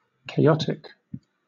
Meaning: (adjective) 1. Filled with chaos 2. Extremely disorganized or in disarray 3. Highly sensitive to starting conditions, so that a small change to them may yield a very different outcome
- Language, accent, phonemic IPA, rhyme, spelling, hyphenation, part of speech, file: English, Southern England, /keɪˈɒtɪk/, -ɒtɪk, chaotic, cha‧ot‧ic, adjective / noun, LL-Q1860 (eng)-chaotic.wav